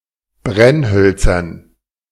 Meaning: dative plural of Brennholz
- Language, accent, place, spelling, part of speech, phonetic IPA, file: German, Germany, Berlin, Brennhölzern, noun, [ˈbʁɛnˌhœlt͡sɐn], De-Brennhölzern.ogg